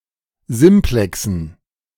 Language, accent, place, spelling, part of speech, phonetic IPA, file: German, Germany, Berlin, Simplexen, noun, [ˈzɪmplɛksn̩], De-Simplexen.ogg
- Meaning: dative plural of Simplex